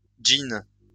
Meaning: jinn, genie
- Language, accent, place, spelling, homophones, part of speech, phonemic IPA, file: French, France, Lyon, djinn, gin / jean, noun, /dʒin/, LL-Q150 (fra)-djinn.wav